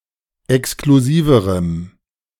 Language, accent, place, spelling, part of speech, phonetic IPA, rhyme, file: German, Germany, Berlin, exklusiverem, adjective, [ɛkskluˈziːvəʁəm], -iːvəʁəm, De-exklusiverem.ogg
- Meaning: strong dative masculine/neuter singular comparative degree of exklusiv